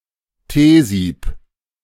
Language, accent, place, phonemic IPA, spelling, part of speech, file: German, Germany, Berlin, /ˈteːziːp/, Teesieb, noun, De-Teesieb.ogg
- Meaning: tea strainer